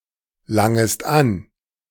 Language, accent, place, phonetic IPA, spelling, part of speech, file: German, Germany, Berlin, [ˌlaŋəst ˈan], langest an, verb, De-langest an.ogg
- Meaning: second-person singular subjunctive I of anlangen